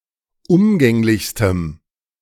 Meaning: strong dative masculine/neuter singular superlative degree of umgänglich
- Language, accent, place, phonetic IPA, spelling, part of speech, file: German, Germany, Berlin, [ˈʊmɡɛŋlɪçstəm], umgänglichstem, adjective, De-umgänglichstem.ogg